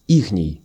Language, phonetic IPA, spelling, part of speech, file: Russian, [ˈixnʲɪj], ихний, adjective, Ru-ихний.ogg
- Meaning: colloquial possessive of они́ (oní): their, theirs